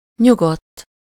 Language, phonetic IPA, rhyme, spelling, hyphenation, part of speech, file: Hungarian, [ˈɲuɡotː], -otː, nyugodt, nyu‧godt, adjective, Hu-nyugodt.ogg
- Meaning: calm, peaceful, tranquil